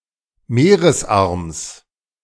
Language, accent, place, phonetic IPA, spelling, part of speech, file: German, Germany, Berlin, [ˈmeːʁəsˌʔaʁms], Meeresarms, noun, De-Meeresarms.ogg
- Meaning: genitive of Meeresarm